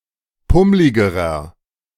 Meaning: inflection of pummlig: 1. strong/mixed nominative masculine singular comparative degree 2. strong genitive/dative feminine singular comparative degree 3. strong genitive plural comparative degree
- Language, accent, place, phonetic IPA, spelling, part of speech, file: German, Germany, Berlin, [ˈpʊmlɪɡəʁɐ], pummligerer, adjective, De-pummligerer.ogg